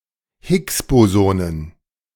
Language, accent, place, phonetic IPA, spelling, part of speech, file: German, Germany, Berlin, [ˈhɪksboˌzoːnən], Higgs-Bosonen, noun, De-Higgs-Bosonen.ogg
- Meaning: plural of Higgs-Boson